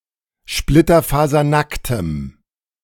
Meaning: strong dative masculine/neuter singular of splitterfasernackt
- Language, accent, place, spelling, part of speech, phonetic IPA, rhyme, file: German, Germany, Berlin, splitterfasernacktem, adjective, [ˌʃplɪtɐfaːzɐˈnaktəm], -aktəm, De-splitterfasernacktem.ogg